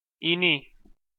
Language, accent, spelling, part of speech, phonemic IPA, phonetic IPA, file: Armenian, Eastern Armenian, ինի, noun, /iˈni/, [iní], Hy-ինի.ogg
- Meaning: the name of the Armenian letter ի (i)